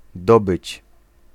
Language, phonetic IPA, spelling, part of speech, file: Polish, [ˈdɔbɨt͡ɕ], dobyć, verb, Pl-dobyć.ogg